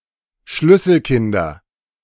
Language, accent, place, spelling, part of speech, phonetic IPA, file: German, Germany, Berlin, Schlüsselkinder, noun, [ˈʃlʏsl̩ˌkɪndɐ], De-Schlüsselkinder.ogg
- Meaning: nominative/accusative/genitive plural of Schlüsselkind